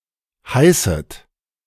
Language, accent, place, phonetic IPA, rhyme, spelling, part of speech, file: German, Germany, Berlin, [ˈhaɪ̯sət], -aɪ̯sət, heißet, verb, De-heißet.ogg
- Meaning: inflection of heißen: 1. third-person singular present 2. second-person plural present 3. second-person plural subjunctive I 4. plural imperative